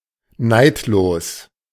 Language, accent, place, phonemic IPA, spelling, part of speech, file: German, Germany, Berlin, /ˈnaɪ̯tloːs/, neidlos, adjective, De-neidlos.ogg
- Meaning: ungrudging